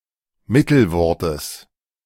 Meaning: genitive singular of Mittelwort
- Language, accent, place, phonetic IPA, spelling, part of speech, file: German, Germany, Berlin, [ˈmɪtl̩ˌvɔʁtəs], Mittelwortes, noun, De-Mittelwortes.ogg